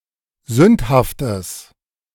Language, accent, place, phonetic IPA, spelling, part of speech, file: German, Germany, Berlin, [ˈzʏnthaftəs], sündhaftes, adjective, De-sündhaftes.ogg
- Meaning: strong/mixed nominative/accusative neuter singular of sündhaft